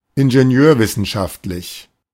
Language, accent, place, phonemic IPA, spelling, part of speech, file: German, Germany, Berlin, /ɪnʒeˈni̯øːɐ̯ˌvɪsn̩ʃaftlɪç/, ingenieurwissenschaftlich, adjective, De-ingenieurwissenschaftlich.ogg
- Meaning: engineering science